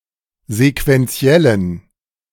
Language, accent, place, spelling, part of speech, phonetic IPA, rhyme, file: German, Germany, Berlin, sequentiellen, adjective, [zekvɛnˈt͡si̯ɛlən], -ɛlən, De-sequentiellen.ogg
- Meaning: inflection of sequentiell: 1. strong genitive masculine/neuter singular 2. weak/mixed genitive/dative all-gender singular 3. strong/weak/mixed accusative masculine singular 4. strong dative plural